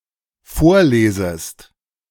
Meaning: second-person singular dependent subjunctive I of vorlesen
- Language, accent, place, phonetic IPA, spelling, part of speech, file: German, Germany, Berlin, [ˈfoːɐ̯ˌleːzəst], vorlesest, verb, De-vorlesest.ogg